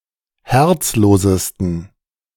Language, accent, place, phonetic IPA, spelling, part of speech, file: German, Germany, Berlin, [ˈhɛʁt͡sˌloːzəstn̩], herzlosesten, adjective, De-herzlosesten.ogg
- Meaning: 1. superlative degree of herzlos 2. inflection of herzlos: strong genitive masculine/neuter singular superlative degree